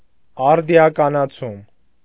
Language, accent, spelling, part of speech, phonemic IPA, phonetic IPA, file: Armenian, Eastern Armenian, արդիականացում, noun, /ɑɾdiɑkɑnɑˈt͡sʰum/, [ɑɾdi(j)ɑkɑnɑt͡sʰúm], Hy-արդիականացում.ogg
- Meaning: 1. modernization 2. upgrading